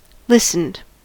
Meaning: simple past and past participle of listen
- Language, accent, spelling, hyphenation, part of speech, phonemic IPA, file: English, US, listened, lis‧tened, verb, /ˈlɪs.n̩d/, En-us-listened.ogg